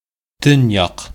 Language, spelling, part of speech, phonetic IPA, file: Bashkir, төньяҡ, noun, [ˈtʏ̞nˌjɑq], Ba-төньяҡ.ogg
- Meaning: north